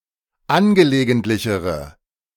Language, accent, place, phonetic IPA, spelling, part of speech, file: German, Germany, Berlin, [ˈanɡəleːɡəntlɪçəʁə], angelegentlichere, adjective, De-angelegentlichere.ogg
- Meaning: inflection of angelegentlich: 1. strong/mixed nominative/accusative feminine singular comparative degree 2. strong nominative/accusative plural comparative degree